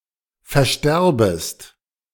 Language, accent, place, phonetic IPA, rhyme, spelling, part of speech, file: German, Germany, Berlin, [fɛɐ̯ˈʃtɛʁbəst], -ɛʁbəst, versterbest, verb, De-versterbest.ogg
- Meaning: second-person singular subjunctive I of versterben